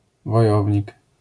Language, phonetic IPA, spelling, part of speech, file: Polish, [vɔˈjɔvʲɲik], wojownik, noun, LL-Q809 (pol)-wojownik.wav